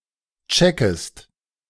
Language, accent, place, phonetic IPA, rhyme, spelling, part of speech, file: German, Germany, Berlin, [ˈt͡ʃɛkəst], -ɛkəst, checkest, verb, De-checkest.ogg
- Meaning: second-person singular subjunctive I of checken